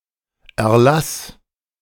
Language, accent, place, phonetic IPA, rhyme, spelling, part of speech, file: German, Germany, Berlin, [ɛɐ̯ˈlaːs], -aːs, erlas, verb, De-erlas.ogg
- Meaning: first/third-person singular preterite of erlesen